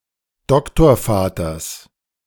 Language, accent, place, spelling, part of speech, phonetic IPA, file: German, Germany, Berlin, Doktorvaters, noun, [ˈdɔktoːɐ̯ˌfaːtɐs], De-Doktorvaters.ogg
- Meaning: genitive singular of Doktorvater